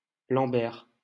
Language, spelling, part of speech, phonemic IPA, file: French, Lambert, proper noun, /lɑ̃.bɛʁ/, LL-Q150 (fra)-Lambert.wav
- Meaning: 1. a male given name of rare modern usage, equivalent to English Lambert 2. a surname, Lambert, originating as a patronymic 3. Lambert: a crater in Moon, Solar System